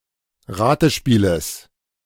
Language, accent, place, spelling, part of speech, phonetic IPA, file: German, Germany, Berlin, Ratespieles, noun, [ˈʁaːtəˌʃpiːləs], De-Ratespieles.ogg
- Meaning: genitive singular of Ratespiel